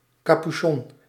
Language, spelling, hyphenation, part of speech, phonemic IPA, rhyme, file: Dutch, capuchon, ca‧pu‧chon, noun, /ˌkɑpyˈʃɔn/, -ɔn, Nl-capuchon.ogg
- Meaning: a hood, which may be attached to a cape, permanently or detachable; especially said when: 1. shaped as a pointed cap 2. a rain-resistant cap